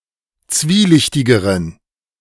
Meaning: inflection of zwielichtig: 1. strong genitive masculine/neuter singular comparative degree 2. weak/mixed genitive/dative all-gender singular comparative degree
- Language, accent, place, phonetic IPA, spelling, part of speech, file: German, Germany, Berlin, [ˈt͡sviːˌlɪçtɪɡəʁən], zwielichtigeren, adjective, De-zwielichtigeren.ogg